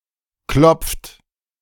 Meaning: inflection of klopfen: 1. third-person singular present 2. second-person plural present 3. plural imperative
- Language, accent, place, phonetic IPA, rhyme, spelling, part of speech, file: German, Germany, Berlin, [klɔp͡ft], -ɔp͡ft, klopft, verb, De-klopft.ogg